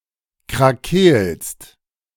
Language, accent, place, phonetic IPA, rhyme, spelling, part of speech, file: German, Germany, Berlin, [kʁaˈkeːlst], -eːlst, krakeelst, verb, De-krakeelst.ogg
- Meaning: second-person singular present of krakeelen